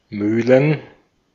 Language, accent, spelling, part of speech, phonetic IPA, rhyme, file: German, Austria, Mühlen, noun, [ˈmyːlən], -yːlən, De-at-Mühlen.ogg
- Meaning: plural of Mühle